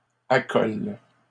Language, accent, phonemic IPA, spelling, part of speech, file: French, Canada, /a.kɔl/, accoles, verb, LL-Q150 (fra)-accoles.wav
- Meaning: second-person singular present indicative/subjunctive of accoler